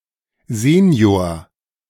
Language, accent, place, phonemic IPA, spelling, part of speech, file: German, Germany, Berlin, /ˈzeːni̯oːr/, Senior, noun, De-Senior.ogg
- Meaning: 1. father, senior, the elder (older of two close male relatives, especially with the same name) 2. senior citizen, elderly person, older adult 3. adult